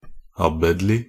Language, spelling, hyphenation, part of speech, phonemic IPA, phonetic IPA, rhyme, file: Norwegian Bokmål, abbedlig, ab‧bed‧lig, adjective, /ˈɑbːɛdlɪ/, [ˈɑbːədlɪ], -ədlɪ, Nb-abbedlig.ogg
- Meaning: of or pertaining to an abbot, his function or dignity